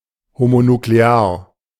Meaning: homonuclear
- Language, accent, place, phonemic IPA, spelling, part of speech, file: German, Germany, Berlin, /homonukleˈaːɐ̯/, homonuklear, adjective, De-homonuklear.ogg